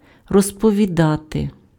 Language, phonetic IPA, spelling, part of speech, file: Ukrainian, [rɔzpɔʋʲiˈdate], розповідати, verb, Uk-розповідати.ogg
- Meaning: to recount, to narrate, to tell